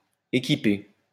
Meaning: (verb) feminine singular of équipé; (noun) 1. going out with a crew or team, a venture, voyage 2. a rash, reckless or foolhardy affair, adventure or business; an escapade
- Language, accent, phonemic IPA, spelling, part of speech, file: French, France, /e.ki.pe/, équipée, verb / noun, LL-Q150 (fra)-équipée.wav